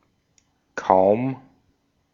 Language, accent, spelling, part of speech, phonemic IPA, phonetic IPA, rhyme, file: German, Austria, kaum, adverb, /kaʊ̯m/, [kʰaʊ̯m], -aʊ̯m, De-at-kaum.ogg
- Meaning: 1. barely, hardly (qualifying verbs or adjectives) 2. barely any, almost no (qualifying amounts) 3. difficult, nearly impossible 4. as soon as, immediately after